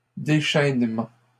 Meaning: post-1990 spelling of déchaînement
- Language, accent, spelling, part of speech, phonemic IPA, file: French, Canada, déchainement, noun, /de.ʃɛn.mɑ̃/, LL-Q150 (fra)-déchainement.wav